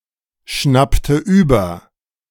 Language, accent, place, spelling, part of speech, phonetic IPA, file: German, Germany, Berlin, schnappte über, verb, [ˌʃnaptə ˈyːbɐ], De-schnappte über.ogg
- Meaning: inflection of überschnappen: 1. first/third-person singular preterite 2. first/third-person singular subjunctive II